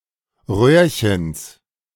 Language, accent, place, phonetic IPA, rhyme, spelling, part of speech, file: German, Germany, Berlin, [ˈʁøːɐ̯çəns], -øːɐ̯çəns, Röhrchens, noun, De-Röhrchens.ogg
- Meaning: genitive singular of Röhrchen